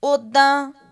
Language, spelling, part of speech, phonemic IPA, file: Punjabi, ਓਦਾਂ, adverb, /oːd̪̚.d̪ä̃ː/, Pa-ਓਦਾਂ.ogg
- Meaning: 1. otherwise 2. like that, that way